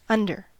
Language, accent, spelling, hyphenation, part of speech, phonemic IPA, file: English, General American, under, un‧der, preposition / adverb / adjective / noun, /ˈʌndɚ/, En-us-under.ogg
- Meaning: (preposition) 1. Beneath; below; at or to the bottom of, or the area covered or surmounted by 2. Beneath; below; at or to the bottom of, or the area covered or surmounted by.: Below the surface of